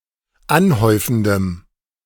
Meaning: strong dative masculine/neuter singular of anhäufend
- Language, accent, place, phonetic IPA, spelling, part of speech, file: German, Germany, Berlin, [ˈanˌhɔɪ̯fn̩dəm], anhäufendem, adjective, De-anhäufendem.ogg